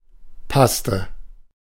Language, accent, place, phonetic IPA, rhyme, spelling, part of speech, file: German, Germany, Berlin, [ˈpastə], -astə, passte, verb, De-passte.ogg
- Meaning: inflection of passen: 1. first/third-person singular preterite 2. first/third-person singular subjunctive II